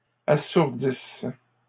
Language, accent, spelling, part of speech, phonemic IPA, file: French, Canada, assourdisse, verb, /a.suʁ.dis/, LL-Q150 (fra)-assourdisse.wav
- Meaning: inflection of assourdir: 1. first/third-person singular present subjunctive 2. first-person singular imperfect subjunctive